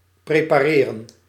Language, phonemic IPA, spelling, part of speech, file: Dutch, /ˌpreː.paːˈreːrə(n)/, prepareren, verb, Nl-prepareren.ogg
- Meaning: to prepare